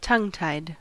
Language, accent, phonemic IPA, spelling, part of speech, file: English, General American, /ˈtʌŋtaɪd/, tongue-tied, adjective / verb, En-us-tongue-tied.ogg